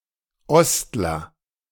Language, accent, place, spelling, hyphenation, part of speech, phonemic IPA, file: German, Germany, Berlin, Ostler, Ost‧ler, noun, /ˈɔstlɐ/, De-Ostler.ogg
- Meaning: East German